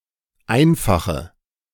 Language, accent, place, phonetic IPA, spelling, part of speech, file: German, Germany, Berlin, [ˈaɪ̯nfaxə], einfache, adjective, De-einfache.ogg
- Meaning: inflection of einfach: 1. strong/mixed nominative/accusative feminine singular 2. strong nominative/accusative plural 3. weak nominative all-gender singular 4. weak accusative feminine/neuter singular